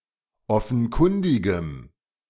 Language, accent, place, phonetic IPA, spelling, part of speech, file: German, Germany, Berlin, [ˈɔfn̩ˌkʊndɪɡəm], offenkundigem, adjective, De-offenkundigem.ogg
- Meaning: strong dative masculine/neuter singular of offenkundig